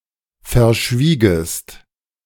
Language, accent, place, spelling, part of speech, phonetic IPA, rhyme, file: German, Germany, Berlin, verschwiegest, verb, [fɛɐ̯ˈʃviːɡəst], -iːɡəst, De-verschwiegest.ogg
- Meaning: second-person singular subjunctive II of verschweigen